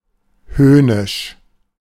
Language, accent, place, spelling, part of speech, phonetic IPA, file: German, Germany, Berlin, höhnisch, adjective, [ˈhøːnɪʃ], De-höhnisch.ogg
- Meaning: scornful, sneering